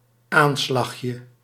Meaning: diminutive of aanslag
- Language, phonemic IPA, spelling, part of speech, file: Dutch, /ˈanslaxjə/, aanslagje, noun, Nl-aanslagje.ogg